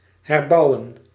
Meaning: to rebuild
- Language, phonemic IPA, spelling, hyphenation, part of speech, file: Dutch, /ˌɦɛrˈbɑu̯.ə(n)/, herbouwen, her‧bou‧wen, verb, Nl-herbouwen.ogg